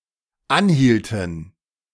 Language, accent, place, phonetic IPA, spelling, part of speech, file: German, Germany, Berlin, [ˈanˌhiːltn̩], anhielten, verb, De-anhielten.ogg
- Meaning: inflection of anhalten: 1. first/third-person plural dependent preterite 2. first/third-person plural dependent subjunctive II